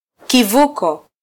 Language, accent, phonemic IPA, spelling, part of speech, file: Swahili, Kenya, /kiˈvu.kɔ/, kivuko, noun, Sw-ke-kivuko.flac
- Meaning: 1. bridge, crossing 2. ferry